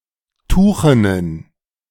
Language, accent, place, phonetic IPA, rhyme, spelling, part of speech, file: German, Germany, Berlin, [ˈtuːxənən], -uːxənən, tuchenen, adjective, De-tuchenen.ogg
- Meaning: inflection of tuchen: 1. strong genitive masculine/neuter singular 2. weak/mixed genitive/dative all-gender singular 3. strong/weak/mixed accusative masculine singular 4. strong dative plural